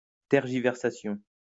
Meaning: delays in providing a clear answer caused by hesitations or an outright unwillingness to be forthright
- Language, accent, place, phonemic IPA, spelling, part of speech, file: French, France, Lyon, /tɛʁ.ʒi.vɛʁ.sa.sjɔ̃/, tergiversation, noun, LL-Q150 (fra)-tergiversation.wav